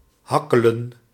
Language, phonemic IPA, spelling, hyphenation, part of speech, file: Dutch, /ˈɦɑ.kə.lə(n)/, hakkelen, hak‧ke‧len, verb, Nl-hakkelen.ogg
- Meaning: 1. to hack, to chop, to mince (to cut into small pieces) 2. to stutter, to stammer